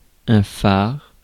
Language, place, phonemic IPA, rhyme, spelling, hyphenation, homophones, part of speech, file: French, Paris, /faʁ/, -aʁ, phare, phare, far / phares, adjective / noun, Fr-phare.ogg
- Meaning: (adjective) leading, signature, key, flagship; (noun) 1. lighthouse 2. lantern (in a lighthouse) 3. headlight (of a vehicle) 4. headlamp (of a vehicle) 5. beacon, luminary